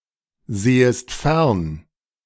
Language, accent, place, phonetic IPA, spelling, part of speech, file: German, Germany, Berlin, [ˌzeːəst ˈfɛʁn], sehest fern, verb, De-sehest fern.ogg
- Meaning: second-person singular subjunctive I of fernsehen